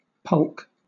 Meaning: 1. A low-slung boatlike sled, used for man-hauling supplies across snow and ice 2. A pond or puddle; a small pool (especially of standing water)
- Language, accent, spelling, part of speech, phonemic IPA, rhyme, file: English, Southern England, pulk, noun, /pʌlk/, -ʌlk, LL-Q1860 (eng)-pulk.wav